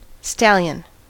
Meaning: 1. An adult male horse.: Specifically, one that is uncastrated 2. An adult male horse.: A male horse kept primarily as a stud 3. A very virile and sexually-inclined man or (rarely) woman
- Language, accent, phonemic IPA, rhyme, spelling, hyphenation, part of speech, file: English, US, /ˈstæljən/, -æljən, stallion, stal‧lion, noun, En-us-stallion.ogg